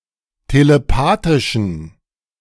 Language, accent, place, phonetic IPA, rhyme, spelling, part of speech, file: German, Germany, Berlin, [teleˈpaːtɪʃn̩], -aːtɪʃn̩, telepathischen, adjective, De-telepathischen.ogg
- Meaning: inflection of telepathisch: 1. strong genitive masculine/neuter singular 2. weak/mixed genitive/dative all-gender singular 3. strong/weak/mixed accusative masculine singular 4. strong dative plural